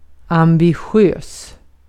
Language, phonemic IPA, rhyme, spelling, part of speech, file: Swedish, /ambɪˈɧøːs/, -øːs, ambitiös, adjective, Sv-ambitiös.ogg
- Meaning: ambitious; possessing ambition